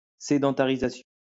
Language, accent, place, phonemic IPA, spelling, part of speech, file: French, France, Lyon, /se.dɑ̃.ta.ʁi.za.sjɔ̃/, sédentarisation, noun, LL-Q150 (fra)-sédentarisation.wav
- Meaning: sedentarization (settling of a nomadic population)